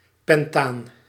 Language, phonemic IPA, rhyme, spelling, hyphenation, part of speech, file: Dutch, /pɛnˈtaːn/, -aːn, pentaan, pen‧taan, noun, Nl-pentaan.ogg
- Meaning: pentane